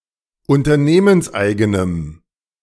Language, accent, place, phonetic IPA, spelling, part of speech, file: German, Germany, Berlin, [ʊntɐˈneːmənsˌʔaɪ̯ɡənəm], unternehmenseigenem, adjective, De-unternehmenseigenem.ogg
- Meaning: strong dative masculine/neuter singular of unternehmenseigen